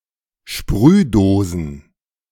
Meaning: plural of Sprühdose
- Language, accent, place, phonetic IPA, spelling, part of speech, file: German, Germany, Berlin, [ˈʃpʁyːˌdoːzn̩], Sprühdosen, noun, De-Sprühdosen.ogg